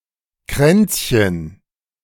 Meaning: 1. wreath, garland 2. circle (of people that meet regularly)
- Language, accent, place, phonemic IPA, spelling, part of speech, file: German, Germany, Berlin, /ˈkʁɛntsçən/, Kränzchen, noun, De-Kränzchen.ogg